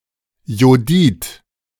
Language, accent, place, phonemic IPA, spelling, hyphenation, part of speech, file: German, Germany, Berlin, /joːˈdiːt/, Jodid, Jo‧did, noun, De-Jodid.ogg
- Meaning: iodide